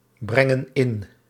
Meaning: inflection of inbrengen: 1. plural present indicative 2. plural present subjunctive
- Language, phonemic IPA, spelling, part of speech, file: Dutch, /ˈbrɛŋə(n) ˈɪn/, brengen in, verb, Nl-brengen in.ogg